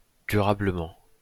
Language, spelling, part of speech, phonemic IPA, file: French, durablement, adverb, /dy.ʁa.blə.mɑ̃/, LL-Q150 (fra)-durablement.wav
- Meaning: durably